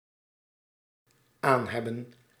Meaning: first-person singular dependent-clause present indicative of aanhebben
- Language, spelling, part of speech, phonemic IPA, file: Dutch, aanheb, verb, /ˈanhɛp/, Nl-aanheb.ogg